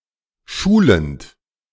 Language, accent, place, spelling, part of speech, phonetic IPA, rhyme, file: German, Germany, Berlin, schulend, verb, [ˈʃuːlənt], -uːlənt, De-schulend.ogg
- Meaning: present participle of schulen